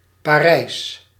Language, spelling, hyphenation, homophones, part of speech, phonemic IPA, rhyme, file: Dutch, Parijs, Pa‧rijs, Parijsch, proper noun / adjective, /paːˈrɛi̯s/, -ɛi̯s, Nl-Parijs.ogg
- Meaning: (proper noun) Paris (the capital and largest city of France); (adjective) Parisian